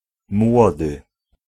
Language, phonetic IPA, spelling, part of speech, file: Polish, [ˈmwɔdɨ], młody, adjective / noun, Pl-młody.ogg